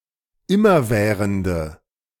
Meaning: inflection of immerwährend: 1. strong/mixed nominative/accusative feminine singular 2. strong nominative/accusative plural 3. weak nominative all-gender singular
- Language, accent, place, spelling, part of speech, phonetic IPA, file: German, Germany, Berlin, immerwährende, adjective, [ˈɪmɐˌvɛːʁəndə], De-immerwährende.ogg